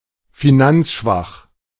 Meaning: financially weak
- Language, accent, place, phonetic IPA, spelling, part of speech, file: German, Germany, Berlin, [fiˈnant͡sˌʃvax], finanzschwach, adjective, De-finanzschwach.ogg